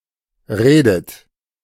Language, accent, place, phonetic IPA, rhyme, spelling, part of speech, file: German, Germany, Berlin, [ˈʁeːdət], -eːdət, redet, verb, De-redet.ogg
- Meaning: inflection of reden: 1. third-person singular present 2. second-person plural present 3. second-person plural subjunctive I 4. plural imperative